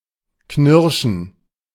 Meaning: 1. to scrunch, to crunch 2. to gnash, to grind 3. to be wrathful, to pent-up anger
- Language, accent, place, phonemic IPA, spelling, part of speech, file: German, Germany, Berlin, /ˈknɪʁʃn̩/, knirschen, verb, De-knirschen.ogg